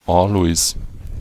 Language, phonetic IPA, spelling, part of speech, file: German, [ˈaːlɔɪ̯s], Alois, proper noun, De-Alois1.ogg
- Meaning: a male given name, equivalent to English Aloysius